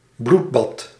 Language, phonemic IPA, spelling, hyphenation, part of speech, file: Dutch, /ˈblut.bɑt/, bloedbad, bloed‧bad, noun, Nl-bloedbad.ogg
- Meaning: bloodbath, carnage